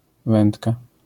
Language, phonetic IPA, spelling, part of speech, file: Polish, [ˈvɛ̃ntka], wędka, noun, LL-Q809 (pol)-wędka.wav